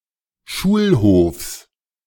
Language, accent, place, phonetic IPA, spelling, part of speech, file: German, Germany, Berlin, [ˈʃuːlˌhoːfs], Schulhofs, noun, De-Schulhofs.ogg
- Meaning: genitive singular of Schulhof